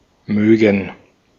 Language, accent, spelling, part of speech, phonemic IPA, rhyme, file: German, Austria, mögen, verb, /ˈmøːɡən/, -øːɡən, De-at-mögen.ogg
- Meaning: 1. to like (something or someone) 2. would like; to want (something) 3. would like; to want 4. to want to; would like to; to wish to 5. to want; would like (similar to möchte) 6. may (as a concession)